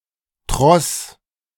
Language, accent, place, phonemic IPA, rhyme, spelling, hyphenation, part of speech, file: German, Germany, Berlin, /tʁɔs/, -ɔs, Tross, Tross, noun, De-Tross.ogg
- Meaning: 1. baggage train (a unit’s supply vehicles and the troops resonsible for them) 2. group or column of people moving somewhere 3. entourage, escort, group of accompanying associates